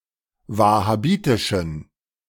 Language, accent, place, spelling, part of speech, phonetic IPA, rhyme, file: German, Germany, Berlin, wahhabitischen, adjective, [ˌvahaˈbiːtɪʃn̩], -iːtɪʃn̩, De-wahhabitischen.ogg
- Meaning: inflection of wahhabitisch: 1. strong genitive masculine/neuter singular 2. weak/mixed genitive/dative all-gender singular 3. strong/weak/mixed accusative masculine singular 4. strong dative plural